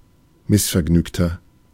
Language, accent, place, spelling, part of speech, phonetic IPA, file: German, Germany, Berlin, missvergnügter, adjective, [ˈmɪsfɛɐ̯ˌɡnyːktɐ], De-missvergnügter.ogg
- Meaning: 1. comparative degree of missvergnügt 2. inflection of missvergnügt: strong/mixed nominative masculine singular 3. inflection of missvergnügt: strong genitive/dative feminine singular